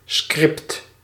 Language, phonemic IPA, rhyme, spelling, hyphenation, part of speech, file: Dutch, /skrɪpt/, -ɪpt, script, script, noun, Nl-script.ogg
- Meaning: 1. script (written text of a dramatic performance) 2. script (sequential list of commands)